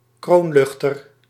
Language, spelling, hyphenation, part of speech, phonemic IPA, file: Dutch, kroonluchter, kroon‧luch‧ter, noun, /ˈkroːnˌlʏx.tər/, Nl-kroonluchter.ogg
- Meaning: chandelier